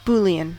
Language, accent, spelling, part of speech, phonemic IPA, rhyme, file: English, US, Boolean, adjective / noun, /ˈbuli.ən/, -uːliən, En-us-Boolean.ogg
- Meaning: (adjective) Of or pertaining to the work of George Boole